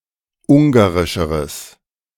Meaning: strong/mixed nominative/accusative neuter singular comparative degree of ungarisch
- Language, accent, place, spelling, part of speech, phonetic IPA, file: German, Germany, Berlin, ungarischeres, adjective, [ˈʊŋɡaʁɪʃəʁəs], De-ungarischeres.ogg